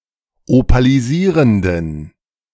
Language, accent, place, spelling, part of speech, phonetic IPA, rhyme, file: German, Germany, Berlin, opalisierenden, adjective, [opaliˈziːʁəndn̩], -iːʁəndn̩, De-opalisierenden.ogg
- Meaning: inflection of opalisierend: 1. strong genitive masculine/neuter singular 2. weak/mixed genitive/dative all-gender singular 3. strong/weak/mixed accusative masculine singular 4. strong dative plural